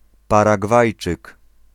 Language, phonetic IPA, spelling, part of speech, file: Polish, [ˌparaˈɡvajt͡ʃɨk], Paragwajczyk, noun, Pl-Paragwajczyk.ogg